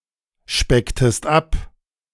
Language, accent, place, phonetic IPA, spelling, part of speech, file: German, Germany, Berlin, [ˌʃpɛktəst ˈap], specktest ab, verb, De-specktest ab.ogg
- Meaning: inflection of abspecken: 1. second-person singular preterite 2. second-person singular subjunctive II